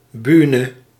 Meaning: stage (where performances are held)
- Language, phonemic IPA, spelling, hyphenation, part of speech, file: Dutch, /ˈbyː.nə/, bühne, büh‧ne, noun, Nl-bühne.ogg